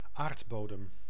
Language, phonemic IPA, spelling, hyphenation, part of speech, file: Dutch, /ˈaːrtˌboː.dəm/, aardbodem, aard‧bo‧dem, noun, Nl-aardbodem.ogg
- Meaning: earth surface